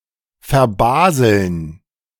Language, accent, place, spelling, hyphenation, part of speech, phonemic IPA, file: German, Germany, Berlin, verbaseln, ver‧ba‧seln, verb, /ferˈbaːzəln/, De-verbaseln.ogg
- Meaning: 1. to lose or forget something out of carelessness or forgetfulness 2. to carelessly ruin something; to make a careless mistake 3. to carelessly miss a chance (e.g. for a goal)